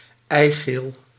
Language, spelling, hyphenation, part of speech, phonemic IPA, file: Dutch, eigeel, ei‧geel, noun, /ˈɛi̯.ɣeːl/, Nl-eigeel.ogg
- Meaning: egg yolk